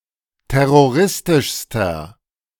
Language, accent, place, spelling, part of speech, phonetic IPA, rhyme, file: German, Germany, Berlin, terroristischster, adjective, [ˌtɛʁoˈʁɪstɪʃstɐ], -ɪstɪʃstɐ, De-terroristischster.ogg
- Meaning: inflection of terroristisch: 1. strong/mixed nominative masculine singular superlative degree 2. strong genitive/dative feminine singular superlative degree